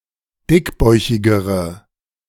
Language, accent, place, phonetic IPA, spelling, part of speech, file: German, Germany, Berlin, [ˈdɪkˌbɔɪ̯çɪɡəʁə], dickbäuchigere, adjective, De-dickbäuchigere.ogg
- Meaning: inflection of dickbäuchig: 1. strong/mixed nominative/accusative feminine singular comparative degree 2. strong nominative/accusative plural comparative degree